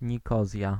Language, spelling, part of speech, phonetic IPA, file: Polish, Nikozja, proper noun, [ɲiˈkɔzʲja], Pl-Nikozja.ogg